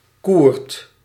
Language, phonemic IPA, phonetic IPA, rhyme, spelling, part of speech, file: Dutch, /kurt/, [kuːrt], -uːrt, Koerd, proper noun, Nl-Koerd.ogg
- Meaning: Kurd